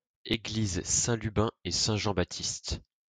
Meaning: 1. a male given name 2. a surname
- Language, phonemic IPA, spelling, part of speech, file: French, /ba.tist/, Baptiste, proper noun, LL-Q150 (fra)-Baptiste.wav